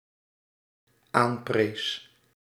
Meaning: singular dependent-clause past indicative of aanprijzen
- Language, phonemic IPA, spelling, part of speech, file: Dutch, /ˈampres/, aanprees, verb, Nl-aanprees.ogg